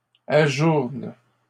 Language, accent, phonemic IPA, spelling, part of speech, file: French, Canada, /a.ʒuʁn/, ajourne, verb, LL-Q150 (fra)-ajourne.wav
- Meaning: inflection of ajourner: 1. first/third-person singular present indicative/subjunctive 2. second-person singular imperative